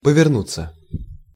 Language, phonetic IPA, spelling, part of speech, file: Russian, [pəvʲɪrˈnut͡sːə], повернуться, verb, Ru-повернуться.ogg
- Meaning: 1. to turn, to swing, to change intransitive 2. to take an unexpected turn 3. passive of поверну́ть (povernútʹ)